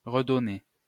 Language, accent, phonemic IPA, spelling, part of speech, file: French, France, /ʁə.dɔ.ne/, redonner, verb, LL-Q150 (fra)-redonner.wav
- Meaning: 1. to give again 2. to give back